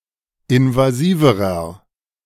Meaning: inflection of invasiv: 1. strong/mixed nominative masculine singular comparative degree 2. strong genitive/dative feminine singular comparative degree 3. strong genitive plural comparative degree
- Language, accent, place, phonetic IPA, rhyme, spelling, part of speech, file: German, Germany, Berlin, [ɪnvaˈziːvəʁɐ], -iːvəʁɐ, invasiverer, adjective, De-invasiverer.ogg